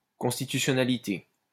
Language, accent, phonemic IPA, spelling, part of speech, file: French, France, /kɔ̃s.ti.ty.sjɔ.na.li.te/, constitutionnalité, noun, LL-Q150 (fra)-constitutionnalité.wav
- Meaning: constitutionality